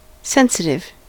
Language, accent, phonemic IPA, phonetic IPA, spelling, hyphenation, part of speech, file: English, General American, /ˈsɛn.sɪt.ɪv/, [ˈsɛn.sɪɾ.ɪv], sensitive, sen‧sit‧ive, adjective / noun, En-us-sensitive.ogg
- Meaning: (adjective) 1. Having the faculty of sensation; pertaining to the senses 2. Responsive to stimuli 3. Easily offended, upset, or hurt 4. Capable of offending, upsetting, or hurting